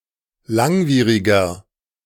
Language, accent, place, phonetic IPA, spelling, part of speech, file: German, Germany, Berlin, [ˈlaŋˌviːʁɪɡɐ], langwieriger, adjective, De-langwieriger.ogg
- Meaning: 1. comparative degree of langwierig 2. inflection of langwierig: strong/mixed nominative masculine singular 3. inflection of langwierig: strong genitive/dative feminine singular